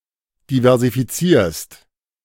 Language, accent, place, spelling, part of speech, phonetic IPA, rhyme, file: German, Germany, Berlin, diversifizierst, verb, [divɛʁzifiˈt͡siːɐ̯st], -iːɐ̯st, De-diversifizierst.ogg
- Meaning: second-person singular present of diversifizieren